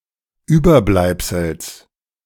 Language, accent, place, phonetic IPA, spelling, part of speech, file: German, Germany, Berlin, [ˈyːbɐˌblaɪ̯psl̩s], Überbleibsels, noun, De-Überbleibsels.ogg
- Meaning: genitive singular of Überbleibsel